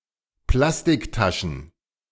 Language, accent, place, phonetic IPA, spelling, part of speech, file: German, Germany, Berlin, [ˈplastɪkˌtaʃn̩], Plastiktaschen, noun, De-Plastiktaschen.ogg
- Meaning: plural of Plastiktasche